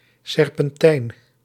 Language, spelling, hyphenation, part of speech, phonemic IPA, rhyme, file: Dutch, serpentijn, serpentijn, noun, /ˌsɛr.pɛnˈtɛi̯n/, -ɛi̯n, Nl-serpentijn.ogg
- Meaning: serpentine, a small cannon used in the Late Middle Ages and Early Modern era